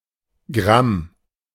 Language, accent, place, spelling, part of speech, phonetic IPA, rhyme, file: German, Germany, Berlin, Gramm, noun, [ɡʁam], -am, De-Gramm.ogg
- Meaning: gram (unit of mass)